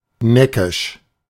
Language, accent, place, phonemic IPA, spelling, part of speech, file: German, Germany, Berlin, /ˈnɛkɪʃ/, neckisch, adjective, De-neckisch.ogg
- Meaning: teasing, playful, mischievous